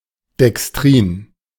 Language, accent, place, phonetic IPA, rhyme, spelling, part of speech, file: German, Germany, Berlin, [dɛksˈtʁiːn], -iːn, Dextrin, noun, De-Dextrin.ogg
- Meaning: dextrin (any of a range of oligomers of glucose, intermediate in complexity between maltose and starch, produced by the enzymatic hydrolysis of starch; used commercially as adhesives)